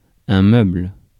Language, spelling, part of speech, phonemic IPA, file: French, meuble, noun / adjective / verb, /mœbl/, Fr-meuble.ogg
- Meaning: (noun) 1. piece of furniture 2. charge 3. piece of personal property; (adjective) 1. soft, pliable, malleable 2. personal, movable (of property, as opposed to real estate)